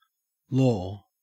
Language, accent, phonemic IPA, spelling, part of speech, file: English, Australia, /loː/, law, noun / verb / interjection, En-au-law.ogg
- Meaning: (noun) The body of binding rules and regulations, customs, and standards established in a community by its legislative and judicial authorities